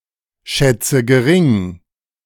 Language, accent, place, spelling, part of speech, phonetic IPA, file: German, Germany, Berlin, schätze gering, verb, [ˌʃɛt͡sə ɡəˈʁɪŋ], De-schätze gering.ogg
- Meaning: inflection of geringschätzen: 1. first-person singular present 2. first/third-person singular subjunctive I 3. singular imperative